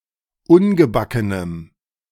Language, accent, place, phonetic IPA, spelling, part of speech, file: German, Germany, Berlin, [ˈʊnɡəˌbakənəm], ungebackenem, adjective, De-ungebackenem.ogg
- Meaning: strong dative masculine/neuter singular of ungebacken